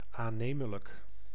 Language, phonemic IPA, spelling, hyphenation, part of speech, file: Dutch, /ˌaːˈneː.mə.lək/, aannemelijk, aan‧ne‧me‧lijk, adjective, Nl-aannemelijk.ogg
- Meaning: plausible